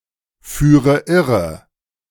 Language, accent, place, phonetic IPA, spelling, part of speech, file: German, Germany, Berlin, [ˌfyːʁə ˈɪʁə], führe irre, verb, De-führe irre.ogg
- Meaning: inflection of irreführen: 1. first-person singular present 2. first/third-person singular subjunctive I 3. singular imperative